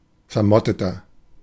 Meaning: 1. comparative degree of vermottet 2. inflection of vermottet: strong/mixed nominative masculine singular 3. inflection of vermottet: strong genitive/dative feminine singular
- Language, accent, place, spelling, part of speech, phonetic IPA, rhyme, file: German, Germany, Berlin, vermotteter, adjective, [fɛɐ̯ˈmɔtətɐ], -ɔtətɐ, De-vermotteter.ogg